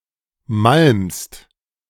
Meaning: second-person singular present of malmen
- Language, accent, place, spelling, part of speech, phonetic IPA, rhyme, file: German, Germany, Berlin, malmst, verb, [malmst], -almst, De-malmst.ogg